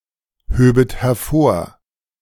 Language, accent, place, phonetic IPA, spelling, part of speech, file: German, Germany, Berlin, [ˌhøːbət hɛɐ̯ˈfoːɐ̯], höbet hervor, verb, De-höbet hervor.ogg
- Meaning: second-person plural subjunctive II of hervorheben